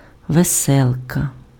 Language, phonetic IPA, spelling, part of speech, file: Ukrainian, [ʋeˈsɛɫkɐ], веселка, noun, Uk-веселка.ogg
- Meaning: rainbow